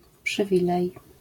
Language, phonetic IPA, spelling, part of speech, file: Polish, [pʃɨˈvʲilɛj], przywilej, noun, LL-Q809 (pol)-przywilej.wav